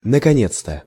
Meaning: finally!; oh, finally!
- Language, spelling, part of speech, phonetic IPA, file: Russian, наконец-то, adverb, [nəkɐˈnʲet͡s‿tə], Ru-наконец-то.ogg